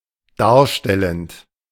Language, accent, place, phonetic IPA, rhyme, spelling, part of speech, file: German, Germany, Berlin, [ˈdaːɐ̯ˌʃtɛlənt], -aːɐ̯ʃtɛlənt, darstellend, verb, De-darstellend.ogg
- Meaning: present participle of darstellen